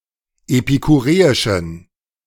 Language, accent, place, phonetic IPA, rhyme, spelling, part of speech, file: German, Germany, Berlin, [epikuˈʁeːɪʃn̩], -eːɪʃn̩, epikureischen, adjective, De-epikureischen.ogg
- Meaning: inflection of epikureisch: 1. strong genitive masculine/neuter singular 2. weak/mixed genitive/dative all-gender singular 3. strong/weak/mixed accusative masculine singular 4. strong dative plural